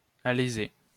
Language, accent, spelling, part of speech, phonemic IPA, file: French, France, aléser, verb, /a.le.ze/, LL-Q150 (fra)-aléser.wav
- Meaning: to ream (a hole; to use a reamer or boring machine to drill or enlarge a hole or cavity)